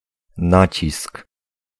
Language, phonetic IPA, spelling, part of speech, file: Polish, [ˈnat͡ɕisk], nacisk, noun, Pl-nacisk.ogg